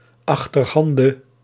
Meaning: of eight different kinds
- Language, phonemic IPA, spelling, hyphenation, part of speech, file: Dutch, /ɑxtərɦɑndə/, achterhande, ach‧ter‧han‧de, adjective, Nl-achterhande.ogg